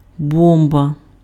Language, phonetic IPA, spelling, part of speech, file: Ukrainian, [ˈbɔmbɐ], бомба, noun, Uk-бомба.ogg
- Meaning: 1. bomb 2. great, cool